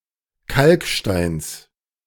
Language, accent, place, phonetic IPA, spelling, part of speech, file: German, Germany, Berlin, [ˈkalkˌʃtaɪ̯ns], Kalksteins, noun, De-Kalksteins.ogg
- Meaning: genitive singular of Kalkstein